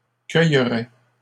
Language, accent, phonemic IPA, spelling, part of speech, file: French, Canada, /kœj.ʁɛ/, cueilleraient, verb, LL-Q150 (fra)-cueilleraient.wav
- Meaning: third-person plural conditional of cueillir